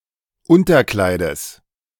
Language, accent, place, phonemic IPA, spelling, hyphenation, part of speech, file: German, Germany, Berlin, /ˈʊntɐˌklaɪ̯dəs/, Unterkleides, Un‧ter‧klei‧des, noun, De-Unterkleides.ogg
- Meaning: genitive singular of Unterkleid